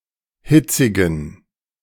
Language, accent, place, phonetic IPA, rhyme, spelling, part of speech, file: German, Germany, Berlin, [ˈhɪt͡sɪɡn̩], -ɪt͡sɪɡn̩, hitzigen, adjective, De-hitzigen.ogg
- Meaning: inflection of hitzig: 1. strong genitive masculine/neuter singular 2. weak/mixed genitive/dative all-gender singular 3. strong/weak/mixed accusative masculine singular 4. strong dative plural